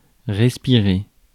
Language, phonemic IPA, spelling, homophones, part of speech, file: French, /ʁɛs.pi.ʁe/, respirer, respirai / respiré / respirée / respirées / respirés / respirez, verb, Fr-respirer.ogg
- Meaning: to breathe